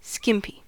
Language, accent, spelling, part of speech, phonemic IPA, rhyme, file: English, US, skimpy, adjective / noun, /ˈskɪmpi/, -ɪmpi, En-us-skimpy.ogg
- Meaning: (adjective) 1. Small or inadequate; not generous; diminutive 2. Very small, light, or revealing 3. Wearing skimpy clothing; scantily clad; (noun) A barmaid who wears little clothing